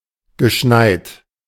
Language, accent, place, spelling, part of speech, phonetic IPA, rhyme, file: German, Germany, Berlin, geschneit, verb, [ɡəˈʃnaɪ̯t], -aɪ̯t, De-geschneit.ogg
- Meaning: past participle of schneien